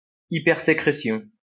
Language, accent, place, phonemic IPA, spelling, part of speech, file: French, France, Lyon, /i.pɛʁ.se.kʁe.sjɔ̃/, hypersécrétion, noun, LL-Q150 (fra)-hypersécrétion.wav
- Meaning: hypersecretion